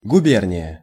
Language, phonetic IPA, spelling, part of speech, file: Russian, [ɡʊˈbʲernʲɪjə], губерния, noun, Ru-губерния.ogg
- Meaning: province, governorate, guberniya (an administrative subdivision in the Russian empire)